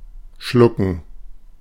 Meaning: 1. to swallow 2. to gulp (swallow one's spittle out of fear etc.) 3. to gobble up (annex, e.g. another company) 4. to swallow; to accept; to put up with 5. to buy, to be deceived by
- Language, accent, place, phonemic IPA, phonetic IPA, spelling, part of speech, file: German, Germany, Berlin, /ˈʃlʊkən/, [ˈʃlʊkŋ̍], schlucken, verb, De-schlucken.ogg